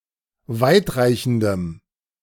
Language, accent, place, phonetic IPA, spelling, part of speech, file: German, Germany, Berlin, [ˈvaɪ̯tˌʁaɪ̯çn̩dəm], weitreichendem, adjective, De-weitreichendem.ogg
- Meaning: strong dative masculine/neuter singular of weitreichend